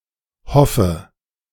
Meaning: inflection of hoffen: 1. first-person singular present 2. first/third-person singular subjunctive I 3. singular imperative
- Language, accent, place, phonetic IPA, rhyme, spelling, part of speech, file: German, Germany, Berlin, [ˈhɔfə], -ɔfə, hoffe, verb, De-hoffe.ogg